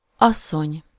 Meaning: 1. a married or divorced woman or a widow 2. woman (adult female human) 3. woman, wife 4. lady, mistress (woman of authority) 5. madam, ma’am (term of address, see asszonyom)
- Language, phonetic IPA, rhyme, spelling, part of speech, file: Hungarian, [ˈɒsːoɲ], -oɲ, asszony, noun, Hu-asszony.ogg